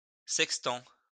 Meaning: sextant
- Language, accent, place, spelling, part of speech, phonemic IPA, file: French, France, Lyon, sextant, noun, /sɛk.stɑ̃/, LL-Q150 (fra)-sextant.wav